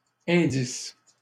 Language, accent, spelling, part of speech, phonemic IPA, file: French, Canada, indice, noun / verb, /ɛ̃.dis/, LL-Q150 (fra)-indice.wav
- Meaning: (noun) 1. clue, hint, indication 2. index; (verb) inflection of indicer: 1. first/third-person singular present indicative/subjunctive 2. second-person singular imperative